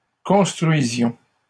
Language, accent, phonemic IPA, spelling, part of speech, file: French, Canada, /kɔ̃s.tʁɥi.zjɔ̃/, construisions, verb, LL-Q150 (fra)-construisions.wav
- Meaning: inflection of construire: 1. first-person plural imperfect indicative 2. first-person plural present subjunctive